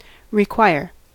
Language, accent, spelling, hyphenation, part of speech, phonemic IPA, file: English, US, require, re‧quire, verb, /ɹɪˈkwaɪɹ/, En-us-require.ogg
- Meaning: 1. To demand, to insist upon (having); to call for authoritatively 2. Naturally to demand (something) as indispensable; to need, to call for as necessary 3. To demand (of someone) to do something